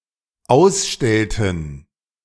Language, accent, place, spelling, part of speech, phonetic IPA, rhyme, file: German, Germany, Berlin, ausstellten, verb, [ˈaʊ̯sˌʃtɛltn̩], -aʊ̯sʃtɛltn̩, De-ausstellten.ogg
- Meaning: inflection of ausstellen: 1. first/third-person plural dependent preterite 2. first/third-person plural dependent subjunctive II